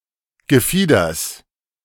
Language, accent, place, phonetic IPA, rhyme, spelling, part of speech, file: German, Germany, Berlin, [ɡəˈfiːdɐs], -iːdɐs, Gefieders, noun, De-Gefieders.ogg
- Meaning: genitive of Gefieder